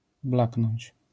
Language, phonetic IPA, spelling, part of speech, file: Polish, [ˈblaknɔ̃ɲt͡ɕ], blaknąć, verb, LL-Q809 (pol)-blaknąć.wav